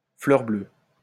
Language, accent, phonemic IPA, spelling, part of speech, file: French, France, /flœʁ blø/, fleur bleue, adjective, LL-Q150 (fra)-fleur bleue.wav
- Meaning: mushy, slushy, cheesy, corny, sappy, soppy, schmaltzy, syrupy, saccharine, maudlin, sentimental